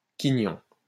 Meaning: heel (of bread)
- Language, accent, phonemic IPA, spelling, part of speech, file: French, France, /ki.ɲɔ̃/, quignon, noun, LL-Q150 (fra)-quignon.wav